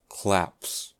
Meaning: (noun) plural of clap; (verb) third-person singular simple present indicative of clap
- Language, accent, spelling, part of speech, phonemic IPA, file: English, General American, claps, noun / verb, /klæps/, En-us-claps.ogg